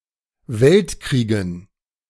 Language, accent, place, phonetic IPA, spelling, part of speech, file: German, Germany, Berlin, [ˈvɛltˌkʁiːɡn̩], Weltkriegen, noun, De-Weltkriegen.ogg
- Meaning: dative plural of Weltkrieg